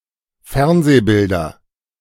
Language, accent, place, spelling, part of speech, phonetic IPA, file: German, Germany, Berlin, Fernsehbilder, noun, [ˈfɛʁnzeːˌbɪldɐ], De-Fernsehbilder.ogg
- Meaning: nominative/accusative/genitive plural of Fernsehbild